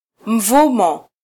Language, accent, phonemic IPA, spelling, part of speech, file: Swahili, Kenya, /m̩ˈvu.mɔ/, mvumo, noun, Sw-ke-mvumo.flac
- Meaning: 1. noise 2. roar 3. bang